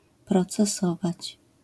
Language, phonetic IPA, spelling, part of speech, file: Polish, [ˌprɔt͡sɛˈsɔvat͡ɕ], procesować, verb, LL-Q809 (pol)-procesować.wav